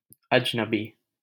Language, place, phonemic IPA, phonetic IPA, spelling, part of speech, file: Hindi, Delhi, /əd͡ʒ.nə.biː/, [ɐd͡ʒ.nɐ.biː], अजनबी, adjective / noun, LL-Q1568 (hin)-अजनबी.wav
- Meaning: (adjective) strange, alien, foreign; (noun) 1. stranger 2. foreigner